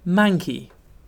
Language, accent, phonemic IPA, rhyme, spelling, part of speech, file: English, UK, /ˈmæŋki/, -æŋki, manky, adjective, En-uk-manky.ogg
- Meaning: 1. Unpleasantly dirty and disgusting 2. Being or having bad weather